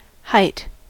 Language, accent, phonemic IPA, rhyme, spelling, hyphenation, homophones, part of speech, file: English, US, /haɪt/, -aɪt, height, height, hight, noun, En-us-height.ogg
- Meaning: The distance from the base to the top of something